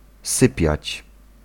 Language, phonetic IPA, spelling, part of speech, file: Polish, [ˈsɨpʲjät͡ɕ], sypiać, verb, Pl-sypiać.ogg